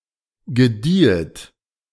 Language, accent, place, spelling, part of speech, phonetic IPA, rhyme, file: German, Germany, Berlin, gediehet, verb, [ɡəˈdiːət], -iːət, De-gediehet.ogg
- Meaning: second-person plural subjunctive II of gedeihen